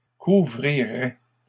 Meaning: third-person plural conditional of couvrir
- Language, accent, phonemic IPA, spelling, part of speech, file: French, Canada, /ku.vʁi.ʁɛ/, couvriraient, verb, LL-Q150 (fra)-couvriraient.wav